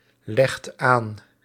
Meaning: inflection of aanleggen: 1. second/third-person singular present indicative 2. plural imperative
- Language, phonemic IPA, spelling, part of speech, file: Dutch, /ˈlɛxt ˈan/, legt aan, verb, Nl-legt aan.ogg